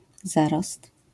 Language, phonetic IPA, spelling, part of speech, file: Polish, [ˈzarɔst], zarost, noun, LL-Q809 (pol)-zarost.wav